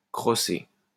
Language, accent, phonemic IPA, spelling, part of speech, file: French, France, /kʁɔ.se/, crosser, verb, LL-Q150 (fra)-crosser.wav
- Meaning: 1. to hit with a crosse (“hockey stick, lacrosse stick, or golf club”) 2. to cheat, to swindle 3. to masturbate, to jack off, to jerk off